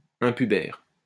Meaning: prepubescent
- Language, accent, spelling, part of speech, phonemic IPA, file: French, France, impubère, adjective, /ɛ̃.py.bɛʁ/, LL-Q150 (fra)-impubère.wav